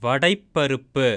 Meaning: salad of green gram split and soaked in water
- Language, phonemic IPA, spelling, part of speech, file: Tamil, /ʋɐɖɐɪ̯pːɐɾʊpːɯ/, வடைப்பருப்பு, noun, Ta-வடைப்பருப்பு.ogg